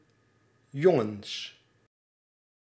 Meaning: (noun) 1. plural of jongen 2. guys, a form of address for a group of male persons or a group of mixed male and female persons; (interjection) boy!
- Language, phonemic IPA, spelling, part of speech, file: Dutch, /ˈjɔ.ŋə(n)s/, jongens, noun / interjection, Nl-jongens.ogg